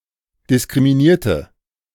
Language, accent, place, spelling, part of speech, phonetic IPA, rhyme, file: German, Germany, Berlin, diskriminierte, adjective / verb, [dɪskʁimiˈniːɐ̯tə], -iːɐ̯tə, De-diskriminierte.ogg
- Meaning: inflection of diskriminiert: 1. strong/mixed nominative/accusative feminine singular 2. strong nominative/accusative plural 3. weak nominative all-gender singular